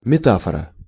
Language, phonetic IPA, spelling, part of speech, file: Russian, [mʲɪˈtafərə], метафора, noun, Ru-метафора.ogg
- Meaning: metaphor